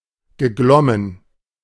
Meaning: past participle of glimmen
- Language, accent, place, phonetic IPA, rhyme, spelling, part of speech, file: German, Germany, Berlin, [ɡəˈɡlɔmən], -ɔmən, geglommen, verb, De-geglommen.ogg